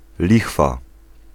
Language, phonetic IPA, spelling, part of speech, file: Polish, [ˈlʲixfa], lichwa, noun, Pl-lichwa.ogg